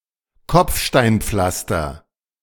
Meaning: cobblestone pavement
- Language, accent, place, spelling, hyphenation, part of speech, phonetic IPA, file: German, Germany, Berlin, Kopfsteinpflaster, Kopf‧stein‧pflas‧ter, noun, [ˈkɔp͡fʃtaɪ̯nˌp͡flastɐ], De-Kopfsteinpflaster.ogg